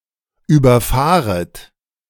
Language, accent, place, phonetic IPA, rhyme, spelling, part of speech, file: German, Germany, Berlin, [yːbɐˈfaːʁət], -aːʁət, überfahret, verb, De-überfahret.ogg
- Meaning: second-person plural subjunctive I of überfahren